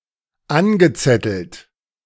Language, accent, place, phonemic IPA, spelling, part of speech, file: German, Germany, Berlin, /ˈanɡəˌtsɛtəlt/, angezettelt, verb / adjective, De-angezettelt.ogg
- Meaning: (verb) past participle of anzetteln; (adjective) instigated, incited